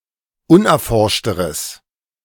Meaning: strong/mixed nominative/accusative neuter singular comparative degree of unerforscht
- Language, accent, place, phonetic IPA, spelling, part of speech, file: German, Germany, Berlin, [ˈʊnʔɛɐ̯ˌfɔʁʃtəʁəs], unerforschteres, adjective, De-unerforschteres.ogg